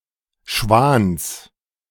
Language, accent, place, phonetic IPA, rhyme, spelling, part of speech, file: German, Germany, Berlin, [ʃvaːns], -aːns, Schwans, noun, De-Schwans.ogg
- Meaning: genitive singular of Schwan